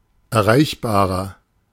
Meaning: inflection of erreichbar: 1. strong/mixed nominative masculine singular 2. strong genitive/dative feminine singular 3. strong genitive plural
- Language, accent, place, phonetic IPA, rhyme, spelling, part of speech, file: German, Germany, Berlin, [ɛɐ̯ˈʁaɪ̯çbaːʁɐ], -aɪ̯çbaːʁɐ, erreichbarer, adjective, De-erreichbarer.ogg